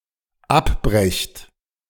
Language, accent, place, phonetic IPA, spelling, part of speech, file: German, Germany, Berlin, [ˈapˌbʁɛçt], abbrecht, verb, De-abbrecht.ogg
- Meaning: second-person plural dependent present of abbrechen